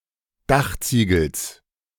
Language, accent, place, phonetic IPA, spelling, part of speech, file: German, Germany, Berlin, [ˈdaxˌt͡siːɡl̩s], Dachziegels, noun, De-Dachziegels.ogg
- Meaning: genitive singular of Dachziegel